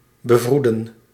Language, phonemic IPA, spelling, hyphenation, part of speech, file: Dutch, /bəˈvrudə(n)/, bevroeden, be‧vroe‧den, verb, Nl-bevroeden.ogg
- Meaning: 1. to understand, to comprehend, to suspect, to realise 2. to instruct, to inform